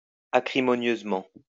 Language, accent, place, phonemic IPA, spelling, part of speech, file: French, France, Lyon, /a.kʁi.mɔ.njøz.mɑ̃/, acrimonieusement, adverb, LL-Q150 (fra)-acrimonieusement.wav
- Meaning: acrimoniously